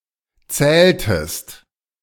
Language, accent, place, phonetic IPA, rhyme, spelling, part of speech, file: German, Germany, Berlin, [ˈt͡sɛːltəst], -ɛːltəst, zähltest, verb, De-zähltest.ogg
- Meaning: inflection of zählen: 1. second-person singular preterite 2. second-person singular subjunctive II